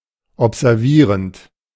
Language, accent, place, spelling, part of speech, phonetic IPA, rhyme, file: German, Germany, Berlin, observierend, verb, [ɔpzɛʁˈviːʁənt], -iːʁənt, De-observierend.ogg
- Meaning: present participle of observieren